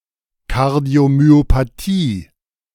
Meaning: cardiomyopathy
- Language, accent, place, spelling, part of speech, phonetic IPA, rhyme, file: German, Germany, Berlin, Kardiomyopathie, noun, [ˌkaʁdi̯omyopaˈtiː], -iː, De-Kardiomyopathie.ogg